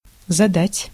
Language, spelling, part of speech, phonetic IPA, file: Russian, задать, verb, [zɐˈdatʲ], Ru-задать.ogg
- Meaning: 1. to set, to assign (an exercise or lesson) 2. to ask (a question) 3. to pose (a problem) 4. to give, to throw (a dinner or banquet) 5. to give, to administer (a punishment)